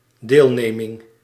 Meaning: 1. participation 2. sympathy, condolence
- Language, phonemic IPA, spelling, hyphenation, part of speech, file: Dutch, /ˈdeːl.ˌneː.mɪŋ/, deelneming, deel‧ne‧ming, noun, Nl-deelneming.ogg